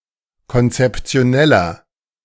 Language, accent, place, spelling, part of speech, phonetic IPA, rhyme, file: German, Germany, Berlin, konzeptioneller, adjective, [kɔnt͡sɛpt͡si̯oˈnɛlɐ], -ɛlɐ, De-konzeptioneller.ogg
- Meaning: inflection of konzeptionell: 1. strong/mixed nominative masculine singular 2. strong genitive/dative feminine singular 3. strong genitive plural